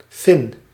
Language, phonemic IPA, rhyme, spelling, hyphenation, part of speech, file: Dutch, /fɪn/, -ɪn, Fin, Fin, noun, Nl-Fin.ogg
- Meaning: Finn (inhabitant of Finland)